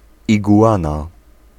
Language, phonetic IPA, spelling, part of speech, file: Polish, [ˌiɡuˈʷãna], iguana, noun, Pl-iguana.ogg